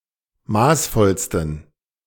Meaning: 1. superlative degree of maßvoll 2. inflection of maßvoll: strong genitive masculine/neuter singular superlative degree
- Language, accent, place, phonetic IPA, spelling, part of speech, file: German, Germany, Berlin, [ˈmaːsˌfɔlstn̩], maßvollsten, adjective, De-maßvollsten.ogg